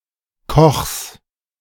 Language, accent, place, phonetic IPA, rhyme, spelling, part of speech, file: German, Germany, Berlin, [kɔxs], -ɔxs, Kochs, noun, De-Kochs.ogg
- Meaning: genitive singular of Koch